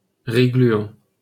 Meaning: sticky rice
- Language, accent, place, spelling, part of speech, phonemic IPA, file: French, France, Paris, riz gluant, noun, /ʁi ɡly.ɑ̃/, LL-Q150 (fra)-riz gluant.wav